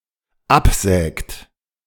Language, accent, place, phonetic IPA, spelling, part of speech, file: German, Germany, Berlin, [ˈapˌzɛːkt], absägt, verb, De-absägt.ogg
- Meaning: inflection of absägen: 1. third-person singular dependent present 2. second-person plural dependent present